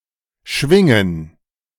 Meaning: 1. to swing (to move back and forth) 2. to move (somewhere) by swinging 3. to swing (to move something using a swinging motion) 4. to wave; to brandish 5. to vibrate 6. to oscillate 7. to resound
- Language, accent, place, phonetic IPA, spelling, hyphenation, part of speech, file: German, Germany, Berlin, [ˈʃvɪŋən], schwingen, schwin‧gen, verb, De-schwingen.ogg